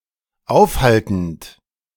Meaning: present participle of aufhalten
- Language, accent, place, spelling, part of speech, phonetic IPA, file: German, Germany, Berlin, aufhaltend, verb, [ˈaʊ̯fˌhaltn̩t], De-aufhaltend.ogg